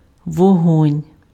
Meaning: 1. fire 2. hearth, fireplace 3. sunlight, light, lights 4. sparkle in the eyes (as a reflection of an emotional state) 5. spiritual exaltation, inspiration 6. body heat 7. shooting, firing (of guns)
- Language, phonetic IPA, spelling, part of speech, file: Ukrainian, [wɔˈɦɔnʲ], вогонь, noun, Uk-вогонь.ogg